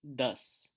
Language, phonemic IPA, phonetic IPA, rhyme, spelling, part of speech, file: Hindi, /d̪əs/, [d̪ɐs], -əs, दस, numeral, Hi-दस.wav
- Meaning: ten